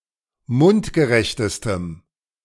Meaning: strong dative masculine/neuter singular superlative degree of mundgerecht
- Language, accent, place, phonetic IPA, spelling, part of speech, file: German, Germany, Berlin, [ˈmʊntɡəˌʁɛçtəstəm], mundgerechtestem, adjective, De-mundgerechtestem.ogg